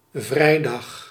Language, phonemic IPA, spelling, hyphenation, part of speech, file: Dutch, /ˈvrɛi̯ˌdɑx/, vrijdag, vrij‧dag, noun / adverb, Nl-vrijdag.ogg
- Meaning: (noun) Friday; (adverb) on Friday